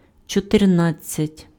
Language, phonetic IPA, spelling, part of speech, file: Ukrainian, [t͡ʃɔterˈnad͡zʲt͡sʲɐtʲ], чотирнадцять, numeral, Uk-чотирнадцять.ogg
- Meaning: fourteen (14)